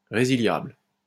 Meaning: cancellable (which can be cancelled)
- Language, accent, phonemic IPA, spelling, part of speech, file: French, France, /ʁe.zi.ljabl/, résiliable, adjective, LL-Q150 (fra)-résiliable.wav